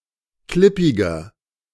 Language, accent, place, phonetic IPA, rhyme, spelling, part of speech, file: German, Germany, Berlin, [ˈklɪpɪɡɐ], -ɪpɪɡɐ, klippiger, adjective, De-klippiger.ogg
- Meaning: 1. comparative degree of klippig 2. inflection of klippig: strong/mixed nominative masculine singular 3. inflection of klippig: strong genitive/dative feminine singular